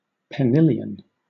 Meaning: 1. The art of vocal improvisation, with a singer or small choir singing a countermelody over a harp melody; it is an important competition in eisteddfodau 2. plural of penill 3. plural of pennill
- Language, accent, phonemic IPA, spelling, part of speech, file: English, Southern England, /pəˈnɪljən/, penillion, noun, LL-Q1860 (eng)-penillion.wav